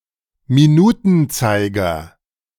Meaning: minute hand
- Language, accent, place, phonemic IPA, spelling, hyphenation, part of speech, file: German, Germany, Berlin, /miˈnuːtənˌtsaɪ̯ɡɐ/, Minutenzeiger, Mi‧nu‧ten‧zei‧ger, noun, De-Minutenzeiger.ogg